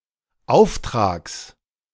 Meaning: genitive singular of Auftrag
- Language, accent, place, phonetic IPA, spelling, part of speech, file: German, Germany, Berlin, [ˈaʊ̯fˌtʁaːks], Auftrags, noun, De-Auftrags.ogg